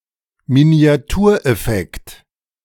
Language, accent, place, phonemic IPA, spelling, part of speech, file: German, Germany, Berlin, /mini̯aˈtuːɐ̯ˌɛfɛkt/, Miniatureffekt, noun, De-Miniatureffekt.ogg
- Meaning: tilt-shift